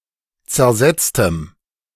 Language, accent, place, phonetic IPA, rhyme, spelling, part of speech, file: German, Germany, Berlin, [t͡sɛɐ̯ˈzɛt͡stəm], -ɛt͡stəm, zersetztem, adjective, De-zersetztem.ogg
- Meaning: strong dative masculine/neuter singular of zersetzt